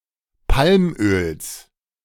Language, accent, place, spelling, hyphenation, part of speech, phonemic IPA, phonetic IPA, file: German, Germany, Berlin, Palmöls, Palm‧öls, noun, /ˈpalmøːls/, [ˈpʰalmʔøːls], De-Palmöls.ogg
- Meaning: genitive singular of Palmöl